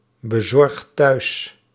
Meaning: inflection of thuisbezorgen: 1. second/third-person singular present indicative 2. plural imperative
- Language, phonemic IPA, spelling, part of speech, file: Dutch, /bəˈzɔrᵊxt ˈtœys/, bezorgt thuis, verb, Nl-bezorgt thuis.ogg